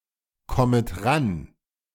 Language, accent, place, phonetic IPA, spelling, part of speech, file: German, Germany, Berlin, [ˌkɔmət ˈʁan], kommet ran, verb, De-kommet ran.ogg
- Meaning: second-person plural subjunctive I of rankommen